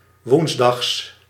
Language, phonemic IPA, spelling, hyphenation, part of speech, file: Dutch, /ˈʋuns.dɑxs/, woensdags, woens‧dags, adjective / adverb / noun, Nl-woensdags.ogg
- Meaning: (adjective) Wednesday; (adverb) synonym of 's woensdags; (noun) genitive singular of woensdag